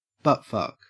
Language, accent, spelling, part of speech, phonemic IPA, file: English, Australia, buttfuck, noun / verb, /ˈbʌtfʌk/, En-au-buttfuck.ogg
- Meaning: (noun) An act of anal intercourse; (verb) To perform an act of anal intercourse